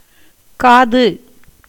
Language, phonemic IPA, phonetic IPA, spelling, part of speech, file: Tamil, /kɑːd̪ɯ/, [käːd̪ɯ], காது, noun / verb, Ta-காது.ogg
- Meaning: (noun) 1. ear 2. eye (of a needle) 3. ear of a jar; projection in the rim of a vessel serving as a handle 4. small wedge to hold in its place a tenon, a handle, a peg; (verb) to kill, slay, murder